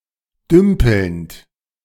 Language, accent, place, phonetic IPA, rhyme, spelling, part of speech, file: German, Germany, Berlin, [ˈdʏmpl̩nt], -ʏmpl̩nt, dümpelnd, verb, De-dümpelnd.ogg
- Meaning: present participle of dümpeln